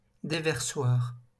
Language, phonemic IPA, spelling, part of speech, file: French, /de.vɛʁ.swaʁ/, déversoir, noun, LL-Q150 (fra)-déversoir.wav
- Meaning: overflow, spillway